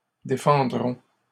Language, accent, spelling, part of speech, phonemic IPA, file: French, Canada, défendrons, verb, /de.fɑ̃.dʁɔ̃/, LL-Q150 (fra)-défendrons.wav
- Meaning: first-person plural future of défendre